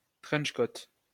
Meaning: trench coat
- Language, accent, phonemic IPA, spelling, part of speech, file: French, France, /tʁɛntʃ kot/, trench-coat, noun, LL-Q150 (fra)-trench-coat.wav